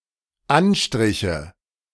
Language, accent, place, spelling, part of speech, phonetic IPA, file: German, Germany, Berlin, Anstriche, noun, [ˈanˌʃtʁɪçə], De-Anstriche.ogg
- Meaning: nominative/accusative/genitive plural of Anstrich